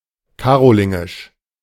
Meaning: Carolingian
- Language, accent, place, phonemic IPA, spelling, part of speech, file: German, Germany, Berlin, /ˈkaːʁolɪŋɪʃ/, karolingisch, adjective, De-karolingisch.ogg